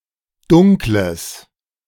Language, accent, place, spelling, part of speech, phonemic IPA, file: German, Germany, Berlin, Dunkles, noun, /ˈdʊŋkləs/, De-Dunkles.ogg
- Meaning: dark